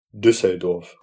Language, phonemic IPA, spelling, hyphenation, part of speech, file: German, /ˈdʏsəlˌdɔrf/, Düsseldorf, Düs‧sel‧dorf, proper noun, De-Düsseldorf.ogg
- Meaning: 1. Düsseldorf (an independent city, the capital city of North Rhine-Westphalia, Germany) 2. an administrative region of North Rhine-Westphalia